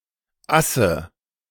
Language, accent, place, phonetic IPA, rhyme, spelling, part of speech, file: German, Germany, Berlin, [ˈasə], -asə, Asse, proper noun / noun, De-Asse.ogg
- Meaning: nominative/accusative/genitive plural of As